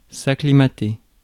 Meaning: to acclimatize (get used to a new climate)
- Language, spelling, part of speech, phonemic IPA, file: French, acclimater, verb, /a.kli.ma.te/, Fr-acclimater.ogg